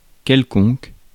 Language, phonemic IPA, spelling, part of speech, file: French, /kɛl.kɔ̃k/, quelconque, determiner / adjective, Fr-quelconque.ogg
- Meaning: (determiner) any, any which one; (adjective) 1. indeterminate; some, any 2. nondescript, ordinary